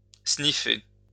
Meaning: to consume a drug via the nose
- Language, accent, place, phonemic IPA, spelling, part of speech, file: French, France, Lyon, /sni.fe/, sniffer, verb, LL-Q150 (fra)-sniffer.wav